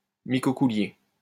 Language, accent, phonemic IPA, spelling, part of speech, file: French, France, /mi.kɔ.ku.lje/, micocoulier, noun, LL-Q150 (fra)-micocoulier.wav
- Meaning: 1. hackberry (tree of the genus Celtis) 2. synonym of micocoulier de Provence (“European nettle tree”) (Celtis australis)